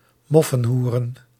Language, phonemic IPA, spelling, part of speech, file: Dutch, /ˈmɔfə(n)ˌhurə(n)/, moffenhoeren, noun, Nl-moffenhoeren.ogg
- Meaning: plural of moffenhoer